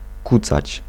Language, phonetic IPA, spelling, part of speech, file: Polish, [ˈkut͡sat͡ɕ], kucać, verb, Pl-kucać.ogg